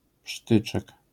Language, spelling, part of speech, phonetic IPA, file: Polish, prztyczek, noun, [ˈpʃtɨt͡ʃɛk], LL-Q809 (pol)-prztyczek.wav